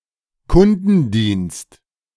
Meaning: customer service
- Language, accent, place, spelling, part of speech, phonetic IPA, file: German, Germany, Berlin, Kundendienst, noun, [ˈkʊndn̩ˌdiːnst], De-Kundendienst.ogg